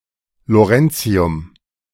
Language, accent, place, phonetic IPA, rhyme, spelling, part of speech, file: German, Germany, Berlin, [loˈʁɛnt͡si̯ʊm], -ɛnt͡si̯ʊm, Lawrencium, noun, De-Lawrencium.ogg
- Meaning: lawrencium